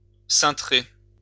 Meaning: to warp (a ship)
- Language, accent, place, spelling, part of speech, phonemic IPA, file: French, France, Lyon, ceintrer, verb, /sɛ̃.tʁe/, LL-Q150 (fra)-ceintrer.wav